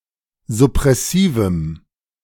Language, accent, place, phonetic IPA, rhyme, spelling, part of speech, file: German, Germany, Berlin, [zʊpʁɛˈsiːvm̩], -iːvm̩, suppressivem, adjective, De-suppressivem.ogg
- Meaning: strong dative masculine/neuter singular of suppressiv